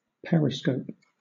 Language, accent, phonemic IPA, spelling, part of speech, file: English, Southern England, /ˈpɛɹɪskəʊp/, periscope, noun / verb, LL-Q1860 (eng)-periscope.wav
- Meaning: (noun) 1. A form of viewing device that allows the viewer to see things at a different height level and usually with minimal visibility 2. A general or comprehensive view